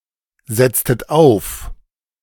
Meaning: inflection of aufsetzen: 1. second-person plural preterite 2. second-person plural subjunctive II
- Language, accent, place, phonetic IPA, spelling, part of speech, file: German, Germany, Berlin, [ˌzɛt͡stət ˈaʊ̯f], setztet auf, verb, De-setztet auf.ogg